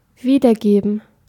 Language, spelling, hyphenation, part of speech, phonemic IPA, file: German, wiedergeben, wie‧der‧ge‧ben, verb, /ˈviːdɐˌɡeːbən/, De-wiedergeben.ogg
- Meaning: 1. to give back, to return (something to its rightful or previous owner) 2. to render, to echo, to reproduce (to state or represent the content of some source or conversation)